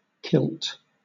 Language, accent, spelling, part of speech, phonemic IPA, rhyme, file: English, Southern England, kilt, verb / noun, /kɪlt/, -ɪlt, LL-Q1860 (eng)-kilt.wav
- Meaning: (verb) To gather up (skirts) around the body